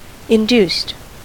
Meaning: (verb) simple past and past participle of induce; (adjective) Brought about; caused to happen
- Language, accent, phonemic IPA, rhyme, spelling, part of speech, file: English, US, /ɪnˈdust/, -uːst, induced, verb / adjective, En-us-induced.ogg